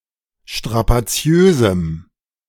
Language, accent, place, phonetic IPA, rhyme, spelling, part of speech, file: German, Germany, Berlin, [ʃtʁapaˈt͡si̯øːzm̩], -øːzm̩, strapaziösem, adjective, De-strapaziösem.ogg
- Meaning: strong dative masculine/neuter singular of strapaziös